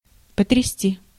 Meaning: 1. to shake, to brandish 2. to shake, to rock 3. to amaze, to astound, to shock, to astonish
- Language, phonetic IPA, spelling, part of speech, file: Russian, [pətrʲɪˈsʲtʲi], потрясти, verb, Ru-потрясти.ogg